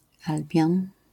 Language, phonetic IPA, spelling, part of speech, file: Polish, [ˈalbʲjɔ̃n], Albion, noun, LL-Q809 (pol)-Albion.wav